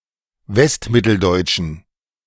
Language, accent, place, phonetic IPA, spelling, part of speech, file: German, Germany, Berlin, [ˈvɛstˌmɪtl̩dɔɪ̯t͡ʃn̩], westmitteldeutschen, adjective, De-westmitteldeutschen.ogg
- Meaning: inflection of westmitteldeutsch: 1. strong genitive masculine/neuter singular 2. weak/mixed genitive/dative all-gender singular 3. strong/weak/mixed accusative masculine singular